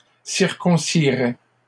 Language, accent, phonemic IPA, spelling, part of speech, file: French, Canada, /siʁ.kɔ̃.si.ʁɛ/, circonciraient, verb, LL-Q150 (fra)-circonciraient.wav
- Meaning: third-person plural conditional of circoncire